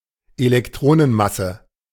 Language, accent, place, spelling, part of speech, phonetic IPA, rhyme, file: German, Germany, Berlin, Elektronenmasse, noun, [elɛkˈtʁoːnənˌmasə], -oːnənmasə, De-Elektronenmasse.ogg
- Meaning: electron mass